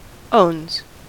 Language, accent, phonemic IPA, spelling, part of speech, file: English, US, /oʊnz/, owns, verb, En-us-owns.ogg
- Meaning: third-person singular simple present indicative of own